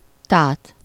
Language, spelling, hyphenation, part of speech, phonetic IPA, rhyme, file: Hungarian, tát, tát, verb, [ˈtaːt], -aːt, Hu-tát.ogg
- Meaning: to gape, to open wide (the mouth)